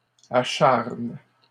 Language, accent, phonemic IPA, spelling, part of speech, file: French, Canada, /a.ʃaʁn/, acharnent, verb, LL-Q150 (fra)-acharnent.wav
- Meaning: third-person plural present indicative/subjunctive of acharner